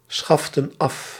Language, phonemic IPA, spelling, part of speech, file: Dutch, /ˈsxɑftə(n) ˈɑf/, schaften af, verb, Nl-schaften af.ogg
- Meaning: inflection of afschaffen: 1. plural past indicative 2. plural past subjunctive